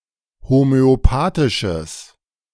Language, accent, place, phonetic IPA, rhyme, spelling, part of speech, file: German, Germany, Berlin, [homøoˈpaːtɪʃəs], -aːtɪʃəs, homöopathisches, adjective, De-homöopathisches.ogg
- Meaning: strong/mixed nominative/accusative neuter singular of homöopathisch